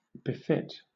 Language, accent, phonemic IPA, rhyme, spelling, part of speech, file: English, Southern England, /bɪˈfɪt/, -ɪt, befit, verb, LL-Q1860 (eng)-befit.wav
- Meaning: to be fit for